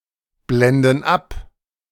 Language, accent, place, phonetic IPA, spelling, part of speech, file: German, Germany, Berlin, [ˌblɛndn̩ ˈap], blenden ab, verb, De-blenden ab.ogg
- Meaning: inflection of abblenden: 1. first/third-person plural present 2. first/third-person plural subjunctive I